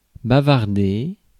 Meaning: 1. to chat; to prattle 2. to have a lengthy talk about something
- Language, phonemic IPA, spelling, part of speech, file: French, /ba.vaʁ.de/, bavarder, verb, Fr-bavarder.ogg